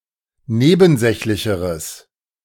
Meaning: strong/mixed nominative/accusative neuter singular comparative degree of nebensächlich
- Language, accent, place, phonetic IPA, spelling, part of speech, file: German, Germany, Berlin, [ˈneːbn̩ˌzɛçlɪçəʁəs], nebensächlicheres, adjective, De-nebensächlicheres.ogg